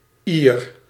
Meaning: inhabitant of Ireland, Irishman
- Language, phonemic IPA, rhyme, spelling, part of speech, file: Dutch, /iːr/, -ir, Ier, noun, Nl-Ier.ogg